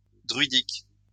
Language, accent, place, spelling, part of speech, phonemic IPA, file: French, France, Lyon, druidique, adjective, /dʁɥi.dik/, LL-Q150 (fra)-druidique.wav
- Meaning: druidic